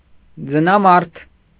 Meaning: rare form of ձնեմարդ (jnemard)
- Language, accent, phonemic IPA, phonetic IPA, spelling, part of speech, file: Armenian, Eastern Armenian, /d͡zənɑˈmɑɾtʰ/, [d͡zənɑmɑ́ɾtʰ], ձնամարդ, noun, Hy-ձնամարդ.ogg